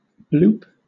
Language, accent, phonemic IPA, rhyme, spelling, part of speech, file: English, Southern England, /bluːp/, -uːp, bloop, verb / noun, LL-Q1860 (eng)-bloop.wav
- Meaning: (verb) 1. To blow air bubbles or audibly slosh about in water 2. To make a hit just beyond the infield 3. To produce a low-pitched beeping sound